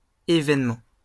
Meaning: post-1990 spelling of événement
- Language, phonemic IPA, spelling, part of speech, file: French, /e.vɛn.mɑ̃/, évènement, noun, LL-Q150 (fra)-évènement.wav